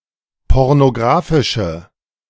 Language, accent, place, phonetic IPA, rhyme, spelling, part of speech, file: German, Germany, Berlin, [ˌpɔʁnoˈɡʁaːfɪʃə], -aːfɪʃə, pornographische, adjective, De-pornographische.ogg
- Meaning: inflection of pornographisch: 1. strong/mixed nominative/accusative feminine singular 2. strong nominative/accusative plural 3. weak nominative all-gender singular